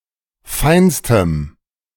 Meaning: strong dative masculine/neuter singular superlative degree of fein
- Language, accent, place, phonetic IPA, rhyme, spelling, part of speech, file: German, Germany, Berlin, [ˈfaɪ̯nstəm], -aɪ̯nstəm, feinstem, adjective, De-feinstem.ogg